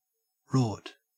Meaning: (noun) A scam or fraud, especially involving the misappropriation of public money or resources; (verb) To cheat or defraud
- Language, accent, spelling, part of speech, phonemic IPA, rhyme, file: English, Australia, rort, noun / verb, /ɹɔː(ɹ)t/, -ɔː(ɹ)t, En-au-rort.ogg